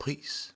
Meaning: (noun) 1. price 2. fare 3. cost 4. prize 5. praise 6. pinch (small amount of powder); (verb) imperative of prise
- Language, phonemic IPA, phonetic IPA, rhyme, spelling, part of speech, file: Danish, /priːs/, [ˈpʰʁiːˀs], -iːs, pris, noun / verb, Da-dk-pris.ogg